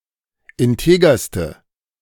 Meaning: inflection of integer: 1. strong/mixed nominative/accusative feminine singular superlative degree 2. strong nominative/accusative plural superlative degree
- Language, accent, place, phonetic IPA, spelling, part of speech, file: German, Germany, Berlin, [ɪnˈteːɡɐstə], integerste, adjective, De-integerste.ogg